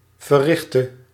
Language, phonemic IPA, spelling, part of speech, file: Dutch, /vəˈrɪxtə/, verrichtte, verb, Nl-verrichtte.ogg
- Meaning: inflection of verrichten: 1. singular past indicative 2. singular past subjunctive